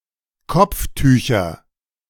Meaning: nominative/accusative/genitive plural of Kopftuch
- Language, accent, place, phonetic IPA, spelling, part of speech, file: German, Germany, Berlin, [ˈkɔp͡fˌtyːçɐ], Kopftücher, noun, De-Kopftücher.ogg